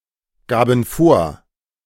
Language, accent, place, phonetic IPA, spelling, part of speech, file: German, Germany, Berlin, [ˌɡaːbn̩ ˈfoːɐ̯], gaben vor, verb, De-gaben vor.ogg
- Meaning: first/third-person plural preterite of vorgeben